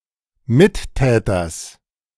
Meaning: genitive singular of Mittäter
- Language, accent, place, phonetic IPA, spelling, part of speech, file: German, Germany, Berlin, [ˈmɪtˌtɛːtɐs], Mittäters, noun, De-Mittäters.ogg